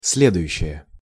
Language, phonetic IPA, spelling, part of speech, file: Russian, [ˈs⁽ʲ⁾lʲedʊjʉɕːɪje], следующее, noun, Ru-следующее.ogg
- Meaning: the following